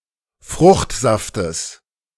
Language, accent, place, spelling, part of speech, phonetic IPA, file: German, Germany, Berlin, Fruchtsaftes, noun, [ˈfʁʊxtˌzaftəs], De-Fruchtsaftes.ogg
- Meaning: genitive singular of Fruchtsaft